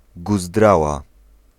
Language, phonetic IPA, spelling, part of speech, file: Polish, [ɡuzˈdrawa], guzdrała, noun, Pl-guzdrała.ogg